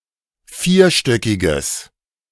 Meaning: strong/mixed nominative/accusative neuter singular of vierstöckig
- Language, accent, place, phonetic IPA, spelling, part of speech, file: German, Germany, Berlin, [ˈfiːɐ̯ˌʃtœkɪɡəs], vierstöckiges, adjective, De-vierstöckiges.ogg